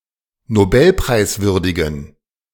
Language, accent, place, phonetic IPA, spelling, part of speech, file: German, Germany, Berlin, [noˈbɛlpʁaɪ̯sˌvʏʁdɪɡn̩], nobelpreiswürdigen, adjective, De-nobelpreiswürdigen.ogg
- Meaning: inflection of nobelpreiswürdig: 1. strong genitive masculine/neuter singular 2. weak/mixed genitive/dative all-gender singular 3. strong/weak/mixed accusative masculine singular